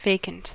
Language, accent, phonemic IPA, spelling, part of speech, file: English, US, /ˈveɪkənt/, vacant, adjective, En-us-vacant.ogg
- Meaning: 1. Not occupied; empty 2. Not present; absent 3. Blank 4. Showing no intelligence or interest